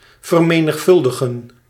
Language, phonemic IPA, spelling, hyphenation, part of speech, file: Dutch, /vər.meː.nəxˈfʏl.də.ɣə(n)/, vermenigvuldigen, ver‧me‧nig‧vul‧di‧gen, verb, Nl-vermenigvuldigen.ogg
- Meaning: 1. to multiply 2. to multiply, to become more numerous